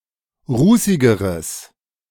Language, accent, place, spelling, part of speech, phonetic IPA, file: German, Germany, Berlin, rußigeres, adjective, [ˈʁuːsɪɡəʁəs], De-rußigeres.ogg
- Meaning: strong/mixed nominative/accusative neuter singular comparative degree of rußig